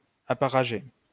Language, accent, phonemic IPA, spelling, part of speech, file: French, France, /a.pa.ʁa.ʒe/, apparager, verb, LL-Q150 (fra)-apparager.wav
- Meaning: to pair off, pair up